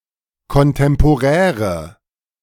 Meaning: inflection of kontemporär: 1. strong/mixed nominative/accusative feminine singular 2. strong nominative/accusative plural 3. weak nominative all-gender singular
- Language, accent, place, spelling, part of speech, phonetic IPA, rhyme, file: German, Germany, Berlin, kontemporäre, adjective, [kɔnˌtɛmpoˈʁɛːʁə], -ɛːʁə, De-kontemporäre.ogg